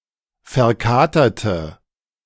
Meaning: inflection of verkatert: 1. strong/mixed nominative/accusative feminine singular 2. strong nominative/accusative plural 3. weak nominative all-gender singular
- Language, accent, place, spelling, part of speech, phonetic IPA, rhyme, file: German, Germany, Berlin, verkaterte, adjective, [fɛɐ̯ˈkaːtɐtə], -aːtɐtə, De-verkaterte.ogg